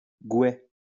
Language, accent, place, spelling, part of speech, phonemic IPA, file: French, France, Lyon, gouet, noun, /ɡwɛ/, LL-Q150 (fra)-gouet.wav
- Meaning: 1. billhook 2. cuckoopint, wild arum